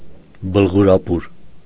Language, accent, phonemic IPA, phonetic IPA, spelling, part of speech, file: Armenian, Eastern Armenian, /bəlʁuɾɑˈpuɾ/, [bəlʁuɾɑpúɾ], բլղուրապուր, noun, Hy-բլղուրապուր.ogg
- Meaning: a sweet soup made of bulgur cooked in grape juice